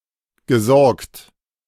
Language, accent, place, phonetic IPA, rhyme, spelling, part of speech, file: German, Germany, Berlin, [ɡəˈzɔʁkt], -ɔʁkt, gesorgt, verb, De-gesorgt.ogg
- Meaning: past participle of sorgen